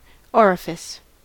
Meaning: 1. A mouth or aperture, such as of a tube, pipe, etc.; an opening 2. One of the natural external openings of the human or animal body 3. A stupid or objectionable person
- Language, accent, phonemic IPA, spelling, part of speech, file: English, US, /ˈɔɹəfɪs/, orifice, noun, En-us-orifice.ogg